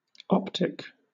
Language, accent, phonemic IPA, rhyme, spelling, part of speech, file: English, Southern England, /ˈɒp.tɪk/, -ɒptɪk, optic, adjective / noun, LL-Q1860 (eng)-optic.wav
- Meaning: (adjective) 1. Of, or relating to the eye or to vision 2. Of, or relating to optics or optical instruments; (noun) 1. An eye 2. A lens or other part of an optical instrument that interacts with light